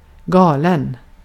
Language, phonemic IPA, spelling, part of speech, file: Swedish, /²ɡɑːlɛn/, galen, adjective / verb, Sv-galen.ogg
- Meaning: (adjective) 1. crazy, mad, insane [with av ‘with’] (of a person or situation) 2. crazy, mad [with i ‘about’] (very enthusiastic about or in love with) 3. wrong, amiss 4. awry (not according to plan)